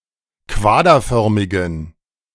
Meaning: inflection of quaderförmig: 1. strong genitive masculine/neuter singular 2. weak/mixed genitive/dative all-gender singular 3. strong/weak/mixed accusative masculine singular 4. strong dative plural
- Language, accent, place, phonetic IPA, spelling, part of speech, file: German, Germany, Berlin, [ˈkvaːdɐˌfœʁmɪɡn̩], quaderförmigen, adjective, De-quaderförmigen.ogg